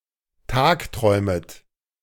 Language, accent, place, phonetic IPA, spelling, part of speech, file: German, Germany, Berlin, [ˈtaːkˌtʁɔɪ̯mət], tagträumet, verb, De-tagträumet.ogg
- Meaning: second-person plural subjunctive I of tagträumen